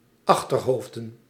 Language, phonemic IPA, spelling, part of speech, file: Dutch, /ˈɑxterˌhovdə(n)/, achterhoofden, noun, Nl-achterhoofden.ogg
- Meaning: plural of achterhoofd